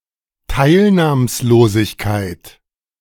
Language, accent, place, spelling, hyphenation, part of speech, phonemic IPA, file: German, Germany, Berlin, Teilnahmslosigkeit, Teil‧nahms‧lo‧sig‧keit, noun, /ˈtaɪ̯lnaːmsˌloːzɪçkaɪ̯t/, De-Teilnahmslosigkeit.ogg
- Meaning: lethargy, apathy